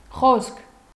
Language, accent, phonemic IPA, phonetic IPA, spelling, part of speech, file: Armenian, Eastern Armenian, /χoskʰ/, [χoskʰ], խոսք, noun, Hy-խոսք.ogg
- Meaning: 1. speech 2. word 3. talk, conversation 4. word, promise 5. lyrics of a song